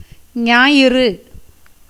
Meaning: 1. sun 2. Sunday
- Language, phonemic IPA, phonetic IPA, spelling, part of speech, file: Tamil, /ɲɑːjɪrɯ/, [ɲäːjɪrɯ], ஞாயிறு, noun, Ta-ஞாயிறு.ogg